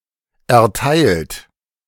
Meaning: 1. past participle of erteilen 2. inflection of erteilen: third-person singular present 3. inflection of erteilen: second-person plural present 4. inflection of erteilen: plural imperative
- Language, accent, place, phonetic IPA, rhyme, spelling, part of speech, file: German, Germany, Berlin, [ɛɐ̯ˈtaɪ̯lt], -aɪ̯lt, erteilt, verb, De-erteilt.ogg